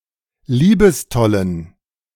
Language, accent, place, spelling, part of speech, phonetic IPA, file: German, Germany, Berlin, liebestollen, adjective, [ˈliːbəsˌtɔlən], De-liebestollen.ogg
- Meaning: inflection of liebestoll: 1. strong genitive masculine/neuter singular 2. weak/mixed genitive/dative all-gender singular 3. strong/weak/mixed accusative masculine singular 4. strong dative plural